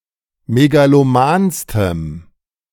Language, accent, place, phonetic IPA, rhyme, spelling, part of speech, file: German, Germany, Berlin, [meɡaloˈmaːnstəm], -aːnstəm, megalomanstem, adjective, De-megalomanstem.ogg
- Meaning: strong dative masculine/neuter singular superlative degree of megaloman